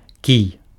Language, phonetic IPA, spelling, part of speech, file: Belarusian, [kʲij], кій, noun, Be-кій.ogg
- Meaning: 1. stick 2. cue